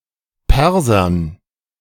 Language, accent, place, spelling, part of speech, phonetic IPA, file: German, Germany, Berlin, Persern, noun, [ˈpɛʁzɐn], De-Persern.ogg
- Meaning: dative plural of Perser